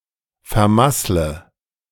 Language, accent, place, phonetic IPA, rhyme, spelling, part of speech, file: German, Germany, Berlin, [fɛɐ̯ˈmaslə], -aslə, vermassle, verb, De-vermassle.ogg
- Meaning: inflection of vermasseln: 1. first-person singular present 2. first/third-person singular subjunctive I 3. singular imperative